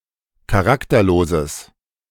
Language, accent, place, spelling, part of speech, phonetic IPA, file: German, Germany, Berlin, charakterloses, adjective, [kaˈʁaktɐˌloːzəs], De-charakterloses.ogg
- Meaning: strong/mixed nominative/accusative neuter singular of charakterlos